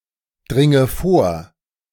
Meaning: inflection of vordringen: 1. first-person singular present 2. first/third-person singular subjunctive I 3. singular imperative
- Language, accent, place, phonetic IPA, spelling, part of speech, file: German, Germany, Berlin, [ˌdʁɪŋə ˈfoːɐ̯], dringe vor, verb, De-dringe vor.ogg